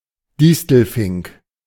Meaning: European goldfinch, Eurasian goldfinch (Carduelis carduelis)
- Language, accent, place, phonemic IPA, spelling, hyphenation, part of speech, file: German, Germany, Berlin, /ˈdɪstl̩ˌfɪŋk/, Distelfink, Dis‧tel‧fink, noun, De-Distelfink.ogg